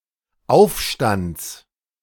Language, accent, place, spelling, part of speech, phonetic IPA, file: German, Germany, Berlin, Aufstands, noun, [ˈaʊ̯fˌʃtant͡s], De-Aufstands.ogg
- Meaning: genitive singular of Aufstand